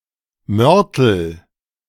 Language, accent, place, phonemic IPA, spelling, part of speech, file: German, Germany, Berlin, /ˈmœrtəl/, Mörtel, noun, De-Mörtel.ogg
- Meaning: mortar